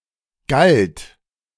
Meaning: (verb) first/third-person singular preterite of gelten; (adjective) non-milch
- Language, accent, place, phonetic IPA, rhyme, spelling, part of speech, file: German, Germany, Berlin, [ɡalt], -alt, galt, verb, De-galt.ogg